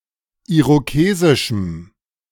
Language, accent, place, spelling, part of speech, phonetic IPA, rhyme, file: German, Germany, Berlin, irokesischem, adjective, [ˌiʁoˈkeːzɪʃm̩], -eːzɪʃm̩, De-irokesischem.ogg
- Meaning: strong dative masculine/neuter singular of irokesisch